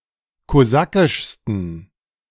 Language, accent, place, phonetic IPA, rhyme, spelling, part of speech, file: German, Germany, Berlin, [koˈzakɪʃstn̩], -akɪʃstn̩, kosakischsten, adjective, De-kosakischsten.ogg
- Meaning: 1. superlative degree of kosakisch 2. inflection of kosakisch: strong genitive masculine/neuter singular superlative degree